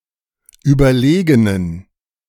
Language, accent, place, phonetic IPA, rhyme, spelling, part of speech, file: German, Germany, Berlin, [ˌyːbɐˈleːɡənən], -eːɡənən, überlegenen, adjective, De-überlegenen.ogg
- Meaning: inflection of überlegen: 1. strong genitive masculine/neuter singular 2. weak/mixed genitive/dative all-gender singular 3. strong/weak/mixed accusative masculine singular 4. strong dative plural